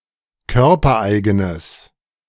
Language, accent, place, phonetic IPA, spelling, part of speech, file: German, Germany, Berlin, [ˈkœʁpɐˌʔaɪ̯ɡənəs], körpereigenes, adjective, De-körpereigenes.ogg
- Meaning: strong/mixed nominative/accusative neuter singular of körpereigen